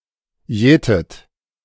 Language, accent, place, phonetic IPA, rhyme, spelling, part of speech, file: German, Germany, Berlin, [ˈjɛːtət], -ɛːtət, jätet, verb, De-jätet.ogg
- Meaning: inflection of jäten: 1. third-person singular present 2. second-person plural present 3. second-person plural subjunctive I 4. plural imperative